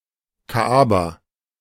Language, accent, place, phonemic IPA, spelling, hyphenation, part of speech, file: German, Germany, Berlin, /ˈkaʔabaː/, Kaaba, Ka‧a‧ba, noun, De-Kaaba.ogg
- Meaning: Kaaba (cubical stone building in Mecca)